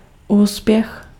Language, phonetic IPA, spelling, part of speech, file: Czech, [ˈuːspjɛx], úspěch, noun, Cs-úspěch.ogg
- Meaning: success